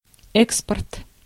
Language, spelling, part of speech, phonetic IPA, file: Russian, экспорт, noun, [ˈɛkspərt], Ru-экспорт.ogg
- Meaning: export